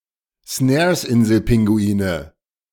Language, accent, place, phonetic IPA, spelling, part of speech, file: German, Germany, Berlin, [ˈsnɛːɐ̯sˌʔɪnzl̩ˌpɪŋɡuiːnə], Snaresinselpinguine, noun, De-Snaresinselpinguine.ogg
- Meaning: nominative/accusative/genitive plural of Snaresinselpinguin